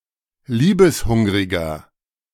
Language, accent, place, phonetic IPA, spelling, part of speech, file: German, Germany, Berlin, [ˈliːbəsˌhʊŋʁɪɡɐ], liebeshungriger, adjective, De-liebeshungriger.ogg
- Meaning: 1. comparative degree of liebeshungrig 2. inflection of liebeshungrig: strong/mixed nominative masculine singular 3. inflection of liebeshungrig: strong genitive/dative feminine singular